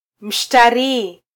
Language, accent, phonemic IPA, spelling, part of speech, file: Swahili, Kenya, /m̩.ʃtɑˈɾiː/, Mshtarii, proper noun, Sw-ke-Mshtarii.flac
- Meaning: Jupiter (planet)